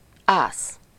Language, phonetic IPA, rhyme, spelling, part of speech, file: Hungarian, [ˈaːs], -aːs, ász, noun, Hu-ász.ogg
- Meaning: 1. ace (card with a single spot) 2. ace (serve won without the opponent hitting the ball) 3. ace (expert at something) 4. ace (excellent military aircraft pilot)